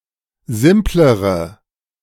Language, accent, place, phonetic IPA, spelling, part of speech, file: German, Germany, Berlin, [ˈzɪmpləʁə], simplere, adjective, De-simplere.ogg
- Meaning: inflection of simpel: 1. strong/mixed nominative/accusative feminine singular comparative degree 2. strong nominative/accusative plural comparative degree